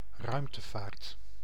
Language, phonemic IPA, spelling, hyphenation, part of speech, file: Dutch, /ˈrœy̯m.təˌvaːrt/, ruimtevaart, ruimte‧vaart, noun, Nl-ruimtevaart.ogg
- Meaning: space travel